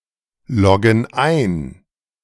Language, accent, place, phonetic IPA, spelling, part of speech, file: German, Germany, Berlin, [ˌlɔɡn̩ ˈaɪ̯n], loggen ein, verb, De-loggen ein.ogg
- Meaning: inflection of einloggen: 1. first/third-person plural present 2. first/third-person plural subjunctive I